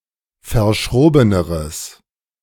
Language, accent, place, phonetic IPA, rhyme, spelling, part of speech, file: German, Germany, Berlin, [fɐˈʃʁoːbənəʁəs], -oːbənəʁəs, verschrobeneres, adjective, De-verschrobeneres.ogg
- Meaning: strong/mixed nominative/accusative neuter singular comparative degree of verschroben